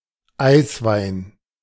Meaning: ice wine (a sweet wine made from grapes that are harvested after the first frost)
- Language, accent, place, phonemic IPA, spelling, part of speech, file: German, Germany, Berlin, /ˈaɪsvaɪn/, Eiswein, noun, De-Eiswein.ogg